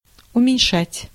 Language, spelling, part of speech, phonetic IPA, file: Russian, уменьшать, verb, [ʊmʲɪnʲˈʂatʲ], Ru-уменьшать.ogg
- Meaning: to diminish, to decrease, to lessen, to reduce, to abate